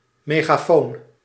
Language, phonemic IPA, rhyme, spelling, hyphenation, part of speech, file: Dutch, /ˌmeː.ɣaːˈfoːn/, -oːn, megafoon, me‧ga‧foon, noun, Nl-megafoon.ogg
- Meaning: megaphone